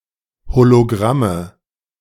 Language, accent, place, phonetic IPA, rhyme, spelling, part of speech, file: German, Germany, Berlin, [holoˈɡʁamə], -amə, Hologramme, noun, De-Hologramme.ogg
- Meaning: nominative/accusative/genitive plural of Hologramm